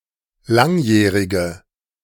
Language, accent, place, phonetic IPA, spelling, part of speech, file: German, Germany, Berlin, [ˈlaŋˌjɛːʁɪɡə], langjährige, adjective, De-langjährige.ogg
- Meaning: inflection of langjährig: 1. strong/mixed nominative/accusative feminine singular 2. strong nominative/accusative plural 3. weak nominative all-gender singular